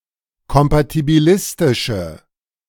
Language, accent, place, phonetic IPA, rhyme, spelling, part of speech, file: German, Germany, Berlin, [kɔmpatibiˈlɪstɪʃə], -ɪstɪʃə, kompatibilistische, adjective, De-kompatibilistische.ogg
- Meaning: inflection of kompatibilistisch: 1. strong/mixed nominative/accusative feminine singular 2. strong nominative/accusative plural 3. weak nominative all-gender singular